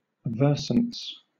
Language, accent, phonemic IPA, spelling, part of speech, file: English, Southern England, /ˈvɜː(ɹ)sən(t)s/, versants, noun, LL-Q1860 (eng)-versants.wav
- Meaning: plural of versant